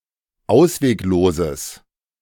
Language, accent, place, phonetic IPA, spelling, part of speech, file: German, Germany, Berlin, [ˈaʊ̯sveːkˌloːzəs], auswegloses, adjective, De-auswegloses.ogg
- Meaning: strong/mixed nominative/accusative neuter singular of ausweglos